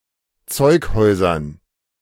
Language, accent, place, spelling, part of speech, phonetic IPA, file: German, Germany, Berlin, Zeughäusern, noun, [ˈt͡sɔɪ̯kˌhɔɪ̯zɐn], De-Zeughäusern.ogg
- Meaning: dative plural of Zeughaus